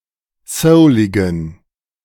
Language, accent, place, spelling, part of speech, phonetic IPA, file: German, Germany, Berlin, souligen, adjective, [ˈsəʊlɪɡn̩], De-souligen.ogg
- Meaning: inflection of soulig: 1. strong genitive masculine/neuter singular 2. weak/mixed genitive/dative all-gender singular 3. strong/weak/mixed accusative masculine singular 4. strong dative plural